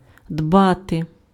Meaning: 1. to care, to look after, to take care 2. to prepare, to store up 3. to work
- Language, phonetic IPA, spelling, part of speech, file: Ukrainian, [ˈdbate], дбати, verb, Uk-дбати.ogg